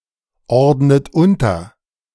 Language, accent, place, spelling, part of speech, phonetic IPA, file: German, Germany, Berlin, ordnet unter, verb, [ˌɔʁdnət ˈʊntɐ], De-ordnet unter.ogg
- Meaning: inflection of unterordnen: 1. second-person plural present 2. second-person plural subjunctive I 3. third-person singular present 4. plural imperative